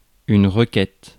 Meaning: 1. request 2. petition 3. query
- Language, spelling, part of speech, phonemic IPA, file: French, requête, noun, /ʁə.kɛt/, Fr-requête.ogg